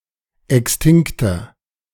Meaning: inflection of extinkt: 1. strong/mixed nominative masculine singular 2. strong genitive/dative feminine singular 3. strong genitive plural
- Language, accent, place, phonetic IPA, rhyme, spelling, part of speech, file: German, Germany, Berlin, [ˌɛksˈtɪŋktɐ], -ɪŋktɐ, extinkter, adjective, De-extinkter.ogg